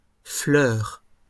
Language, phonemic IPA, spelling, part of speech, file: French, /flœʁ/, fleurs, noun, LL-Q150 (fra)-fleurs.wav
- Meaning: plural of fleur